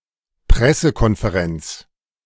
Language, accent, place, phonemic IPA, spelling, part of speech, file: German, Germany, Berlin, /ˈpʁɛsəkɔnfeˌʁɛnt͡s/, Pressekonferenz, noun, De-Pressekonferenz.ogg
- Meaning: press conference